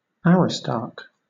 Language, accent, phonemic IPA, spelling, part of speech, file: English, Southern England, /ˈæɹɪstɑːk/, Aristarch, noun, LL-Q1860 (eng)-Aristarch.wav
- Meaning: A severe critic